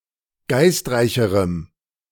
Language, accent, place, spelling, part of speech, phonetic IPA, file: German, Germany, Berlin, geistreicherem, adjective, [ˈɡaɪ̯stˌʁaɪ̯çəʁəm], De-geistreicherem.ogg
- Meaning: strong dative masculine/neuter singular comparative degree of geistreich